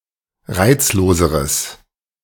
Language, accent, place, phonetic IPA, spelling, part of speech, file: German, Germany, Berlin, [ˈʁaɪ̯t͡sloːzəʁəs], reizloseres, adjective, De-reizloseres.ogg
- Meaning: strong/mixed nominative/accusative neuter singular comparative degree of reizlos